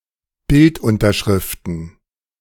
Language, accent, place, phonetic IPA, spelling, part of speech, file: German, Germany, Berlin, [ˈbɪltʔʊntɐˌʃʁɪftn̩], Bildunterschriften, noun, De-Bildunterschriften.ogg
- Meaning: plural of Bildunterschrift